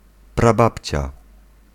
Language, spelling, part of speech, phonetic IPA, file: Polish, prababcia, noun, [praˈbapʲt͡ɕa], Pl-prababcia.ogg